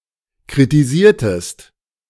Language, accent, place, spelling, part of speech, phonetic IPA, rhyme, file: German, Germany, Berlin, kritisiertest, verb, [kʁitiˈziːɐ̯təst], -iːɐ̯təst, De-kritisiertest.ogg
- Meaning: inflection of kritisieren: 1. second-person singular preterite 2. second-person singular subjunctive II